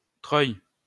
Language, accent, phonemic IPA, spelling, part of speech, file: French, France, /tʁœj/, treuil, noun, LL-Q150 (fra)-treuil.wav
- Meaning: winch, hoist, windlass